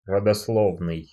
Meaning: genealogy
- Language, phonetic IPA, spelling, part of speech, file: Russian, [rədɐsˈɫovnɨj], родословный, adjective, Ru-родословный.ogg